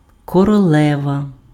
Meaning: queen
- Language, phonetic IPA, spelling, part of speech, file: Ukrainian, [kɔrɔˈɫɛʋɐ], королева, noun, Uk-королева.ogg